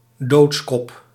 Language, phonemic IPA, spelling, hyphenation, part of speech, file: Dutch, /ˈdoːts.kɔp/, doodskop, doods‧kop, noun, Nl-doodskop.ogg
- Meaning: a death's-head, (human, notably emblematic) skull